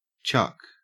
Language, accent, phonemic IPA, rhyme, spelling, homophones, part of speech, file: English, Australia, /t͡ʃʌk/, -ʌk, Chuck, chuck, proper noun / noun, En-au-Chuck.ogg
- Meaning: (proper noun) A form of the male given name Charles, of mostly American usage; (noun) a Chuck Taylor All-Stars shoe; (proper noun) The city of Edmonton